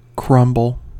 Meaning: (verb) 1. To fall apart; to disintegrate 2. To break into crumbs 3. To mix (ingredients such as flour and butter) in such a way as to form crumbs
- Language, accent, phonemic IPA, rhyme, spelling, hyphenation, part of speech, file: English, US, /ˈkɹʌmbəl/, -ʌmbəl, crumble, crum‧ble, verb / noun, En-us-crumble.ogg